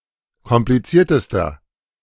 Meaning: inflection of kompliziert: 1. strong/mixed nominative masculine singular superlative degree 2. strong genitive/dative feminine singular superlative degree 3. strong genitive plural superlative degree
- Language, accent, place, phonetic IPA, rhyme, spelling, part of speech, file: German, Germany, Berlin, [kɔmpliˈt͡siːɐ̯təstɐ], -iːɐ̯təstɐ, kompliziertester, adjective, De-kompliziertester.ogg